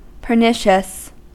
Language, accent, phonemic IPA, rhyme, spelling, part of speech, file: English, US, /pɚˈnɪʃəs/, -ɪʃəs, pernicious, adjective, En-us-pernicious.ogg
- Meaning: 1. Causing much harm in a subtle way 2. Causing death or injury; deadly 3. Insidiously villainous: intending to cause harm, especially in a subtle way